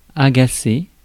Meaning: 1. to irritate 2. to tease
- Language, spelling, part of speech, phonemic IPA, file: French, agacer, verb, /a.ɡa.se/, Fr-agacer.ogg